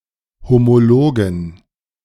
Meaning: inflection of homolog: 1. strong genitive masculine/neuter singular 2. weak/mixed genitive/dative all-gender singular 3. strong/weak/mixed accusative masculine singular 4. strong dative plural
- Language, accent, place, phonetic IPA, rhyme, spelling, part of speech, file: German, Germany, Berlin, [ˌhomoˈloːɡn̩], -oːɡn̩, homologen, adjective, De-homologen.ogg